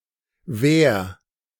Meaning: 1. singular imperative of währen 2. first-person singular present of währen
- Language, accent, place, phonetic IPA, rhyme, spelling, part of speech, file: German, Germany, Berlin, [vɛːɐ̯], -ɛːɐ̯, währ, verb, De-währ.ogg